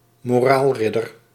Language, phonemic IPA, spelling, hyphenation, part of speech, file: Dutch, /moːˈraːlˌrɪ.dər/, moraalridder, mo‧raal‧rid‧der, noun, Nl-moraalridder.ogg
- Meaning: moral crusader